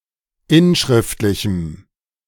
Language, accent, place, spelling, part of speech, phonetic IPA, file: German, Germany, Berlin, inschriftlichem, adjective, [ˈɪnˌʃʁɪftlɪçm̩], De-inschriftlichem.ogg
- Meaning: strong dative masculine/neuter singular of inschriftlich